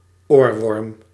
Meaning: alternative form of oorwurm
- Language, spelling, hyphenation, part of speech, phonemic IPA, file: Dutch, oorworm, oor‧worm, noun, /ˈoːr.ʋɔrm/, Nl-oorworm.ogg